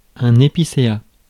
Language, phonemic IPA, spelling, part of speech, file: French, /e.pi.se.a/, épicéa, noun, Fr-épicéa.ogg
- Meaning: spruce (tree from the genus Picea)